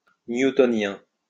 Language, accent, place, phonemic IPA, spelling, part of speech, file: French, France, Lyon, /nju.tɔ.njɛ̃/, newtonien, adjective, LL-Q150 (fra)-newtonien.wav
- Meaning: Newtonian (related to Isaac Newton)